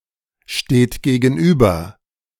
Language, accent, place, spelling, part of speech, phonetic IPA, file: German, Germany, Berlin, steht gegenüber, verb, [ˌʃteːt ɡeːɡn̩ˈʔyːbɐ], De-steht gegenüber.ogg
- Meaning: inflection of gegenüberstehen: 1. third-person singular present 2. second-person plural present 3. plural imperative